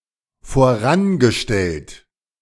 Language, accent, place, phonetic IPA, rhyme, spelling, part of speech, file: German, Germany, Berlin, [foˈʁanɡəˌʃtɛlt], -anɡəʃtɛlt, vorangestellt, verb, De-vorangestellt.ogg
- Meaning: past participle of voranstellen